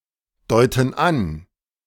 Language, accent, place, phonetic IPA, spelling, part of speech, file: German, Germany, Berlin, [ˌdɔɪ̯tn̩ ˈan], deuten an, verb, De-deuten an.ogg
- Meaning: inflection of andeuten: 1. first/third-person plural present 2. first/third-person plural subjunctive I